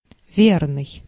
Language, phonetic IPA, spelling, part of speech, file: Russian, [ˈvʲernɨj], верный, adjective, Ru-верный.ogg
- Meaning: 1. true, faithful, loyal 2. true, right, correct